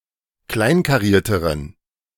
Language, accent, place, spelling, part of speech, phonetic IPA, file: German, Germany, Berlin, kleinkarierteren, adjective, [ˈklaɪ̯nkaˌʁiːɐ̯təʁən], De-kleinkarierteren.ogg
- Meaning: inflection of kleinkariert: 1. strong genitive masculine/neuter singular comparative degree 2. weak/mixed genitive/dative all-gender singular comparative degree